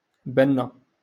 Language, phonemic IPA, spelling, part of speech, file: Moroccan Arabic, /ban.na/, بنة, noun, LL-Q56426 (ary)-بنة.wav
- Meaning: taste